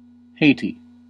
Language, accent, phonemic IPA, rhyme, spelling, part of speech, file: English, US, /ˈheɪ.ti/, -eɪti, Haiti, proper noun, En-us-Haiti.ogg
- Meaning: 1. A country in the Caribbean. Official name: Republic of Haiti 2. Synonym of Hispaniola